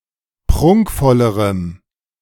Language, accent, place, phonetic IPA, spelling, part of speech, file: German, Germany, Berlin, [ˈpʁʊŋkfɔləʁəm], prunkvollerem, adjective, De-prunkvollerem.ogg
- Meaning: strong dative masculine/neuter singular comparative degree of prunkvoll